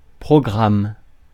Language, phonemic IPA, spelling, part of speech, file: French, /pʁɔ.ɡʁam/, programme, noun / verb, Fr-programme.ogg
- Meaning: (noun) 1. a program (set of structured activities) 2. a program (leaflet listing information about a play, game or other activity) 3. a program (particular mindset or method of doing things)